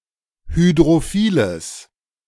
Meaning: strong/mixed nominative/accusative neuter singular of hydrophil
- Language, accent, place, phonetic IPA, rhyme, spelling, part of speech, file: German, Germany, Berlin, [hydʁoˈfiːləs], -iːləs, hydrophiles, adjective, De-hydrophiles.ogg